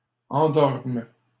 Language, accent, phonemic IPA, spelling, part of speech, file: French, Canada, /ɑ̃.dɔʁm/, endorme, verb, LL-Q150 (fra)-endorme.wav
- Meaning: first/third-person singular present subjunctive of endormir